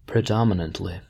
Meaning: In a predominant manner. Most commonly or frequently by a large margin
- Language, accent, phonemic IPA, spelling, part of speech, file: English, US, /pɹɪˈdɒmɪnəntli/, predominantly, adverb, En-us-predominantly.ogg